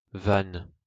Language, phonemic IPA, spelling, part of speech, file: French, /van/, Vannes, proper noun, LL-Q150 (fra)-Vannes.wav
- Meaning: Vannes (a town and commune, a prefecture of Morbihan department, Brittany, France)